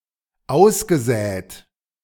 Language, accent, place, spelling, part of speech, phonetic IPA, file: German, Germany, Berlin, ausgesät, verb, [ˈaʊ̯sɡəˌzɛːt], De-ausgesät.ogg
- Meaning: past participle of aussäen